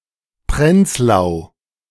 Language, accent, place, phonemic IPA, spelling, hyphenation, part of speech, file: German, Germany, Berlin, /ˈpʁɛnt͡slaʊ̯/, Prenzlau, Prenz‧lau, proper noun, De-Prenzlau.ogg
- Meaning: 1. a town, the administrative seat of Uckermark district, Brandenburg 2. Prenzlau (a rural locality in the Somerset Region, Queensland, Australia)